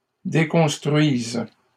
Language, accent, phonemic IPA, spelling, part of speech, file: French, Canada, /de.kɔ̃s.tʁɥiz/, déconstruisent, verb, LL-Q150 (fra)-déconstruisent.wav
- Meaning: third-person plural present indicative/subjunctive of déconstruire